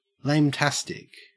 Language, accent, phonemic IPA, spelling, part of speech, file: English, Australia, /leɪmˈtæstɪk/, lametastic, adjective, En-au-lametastic.ogg
- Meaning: Thoroughly lame or uncool